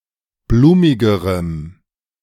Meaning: strong dative masculine/neuter singular comparative degree of blumig
- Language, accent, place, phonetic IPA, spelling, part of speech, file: German, Germany, Berlin, [ˈbluːmɪɡəʁəm], blumigerem, adjective, De-blumigerem.ogg